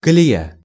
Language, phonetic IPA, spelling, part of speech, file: Russian, [kəlʲɪˈja], колея, noun, Ru-колея.ogg
- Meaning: 1. rut (mark of wheels on the ground) 2. gauge (the distance between the rails of a line of railway track)